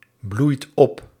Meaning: inflection of opbloeien: 1. second/third-person singular present indicative 2. plural imperative
- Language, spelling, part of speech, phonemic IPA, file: Dutch, bloeit op, verb, /ˈblujt ˈɔp/, Nl-bloeit op.ogg